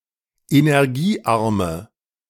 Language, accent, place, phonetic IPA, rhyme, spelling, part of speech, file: German, Germany, Berlin, [enɛʁˈɡiːˌʔaʁmə], -iːʔaʁmə, energiearme, adjective, De-energiearme.ogg
- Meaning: inflection of energiearm: 1. strong/mixed nominative/accusative feminine singular 2. strong nominative/accusative plural 3. weak nominative all-gender singular